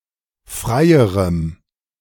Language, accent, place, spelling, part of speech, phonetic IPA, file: German, Germany, Berlin, freierem, adjective, [ˈfʁaɪ̯əʁəm], De-freierem.ogg
- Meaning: strong dative masculine/neuter singular comparative degree of frei